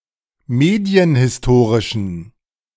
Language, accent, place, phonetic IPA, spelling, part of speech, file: German, Germany, Berlin, [ˈmeːdi̯ənhɪsˌtoːʁɪʃn̩], medienhistorischen, adjective, De-medienhistorischen.ogg
- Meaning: inflection of medienhistorisch: 1. strong genitive masculine/neuter singular 2. weak/mixed genitive/dative all-gender singular 3. strong/weak/mixed accusative masculine singular